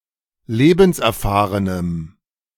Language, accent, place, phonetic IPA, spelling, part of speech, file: German, Germany, Berlin, [ˈleːbn̩sʔɛɐ̯ˌfaːʁənəm], lebenserfahrenem, adjective, De-lebenserfahrenem.ogg
- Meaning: strong dative masculine/neuter singular of lebenserfahren